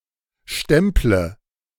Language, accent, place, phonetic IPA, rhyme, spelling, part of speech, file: German, Germany, Berlin, [ˈʃtɛmplə], -ɛmplə, stemple, verb, De-stemple.ogg
- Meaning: inflection of stempeln: 1. first-person singular present 2. first/third-person singular subjunctive I 3. singular imperative